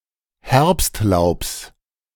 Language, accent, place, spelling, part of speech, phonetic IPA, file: German, Germany, Berlin, Herbstlaubs, noun, [ˈhɛʁpstˌlaʊ̯ps], De-Herbstlaubs.ogg
- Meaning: genitive of Herbstlaub